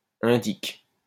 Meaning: nark, grass (informant)
- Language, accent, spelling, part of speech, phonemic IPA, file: French, France, indic, noun, /ɛ̃.dik/, LL-Q150 (fra)-indic.wav